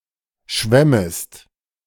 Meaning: second-person singular subjunctive I of schwimmen
- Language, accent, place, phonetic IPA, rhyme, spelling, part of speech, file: German, Germany, Berlin, [ˈʃvɛməst], -ɛməst, schwämmest, verb, De-schwämmest.ogg